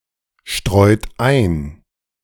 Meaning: inflection of einstreuen: 1. second-person plural present 2. third-person singular present 3. plural imperative
- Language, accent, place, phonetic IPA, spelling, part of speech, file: German, Germany, Berlin, [ˌʃtʁɔɪ̯t ˈaɪ̯n], streut ein, verb, De-streut ein.ogg